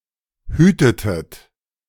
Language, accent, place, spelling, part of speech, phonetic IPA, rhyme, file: German, Germany, Berlin, hütetet, verb, [ˈhyːtətət], -yːtətət, De-hütetet.ogg
- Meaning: inflection of hüten: 1. second-person plural preterite 2. second-person plural subjunctive II